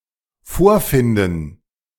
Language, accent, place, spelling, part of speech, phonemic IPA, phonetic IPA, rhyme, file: German, Germany, Berlin, vorfinden, verb, /ˈfoːɐ̯ˌfɪndən/, [ˈfoːɐ̯ˌfɪndn̩], -ɪndn̩, De-vorfinden.ogg
- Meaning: to find; discover (after having arrived somewhere or opened sth.)